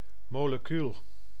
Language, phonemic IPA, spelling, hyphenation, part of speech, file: Dutch, /ˌmoː.ləˈky.lə/, molecule, mo‧le‧cu‧le, noun, Nl-molecule.ogg
- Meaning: alternative form of molecuul